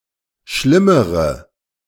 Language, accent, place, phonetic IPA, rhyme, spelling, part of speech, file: German, Germany, Berlin, [ˈʃlɪməʁə], -ɪməʁə, schlimmere, adjective / verb, De-schlimmere.ogg
- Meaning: inflection of schlimm: 1. strong/mixed nominative/accusative feminine singular comparative degree 2. strong nominative/accusative plural comparative degree